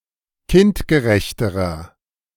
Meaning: inflection of kindgerecht: 1. strong/mixed nominative masculine singular comparative degree 2. strong genitive/dative feminine singular comparative degree 3. strong genitive plural comparative degree
- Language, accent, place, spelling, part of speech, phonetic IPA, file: German, Germany, Berlin, kindgerechterer, adjective, [ˈkɪntɡəˌʁɛçtəʁɐ], De-kindgerechterer.ogg